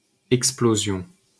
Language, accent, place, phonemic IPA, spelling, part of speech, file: French, France, Paris, /ɛk.splo.zjɔ̃/, explosion, noun, LL-Q150 (fra)-explosion.wav
- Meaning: explosion